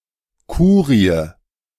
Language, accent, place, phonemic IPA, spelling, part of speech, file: German, Germany, Berlin, /ˈkuːʁi̯ə/, Kurie, noun, De-Kurie.ogg
- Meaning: Curia